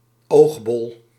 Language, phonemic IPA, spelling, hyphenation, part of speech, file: Dutch, /ˈoːx.bɔl/, oogbol, oog‧bol, noun, Nl-oogbol.ogg
- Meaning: eyeball